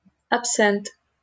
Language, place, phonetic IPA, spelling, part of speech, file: Russian, Saint Petersburg, [ɐpˈsɛnt], абсент, noun, LL-Q7737 (rus)-абсент.wav
- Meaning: absinth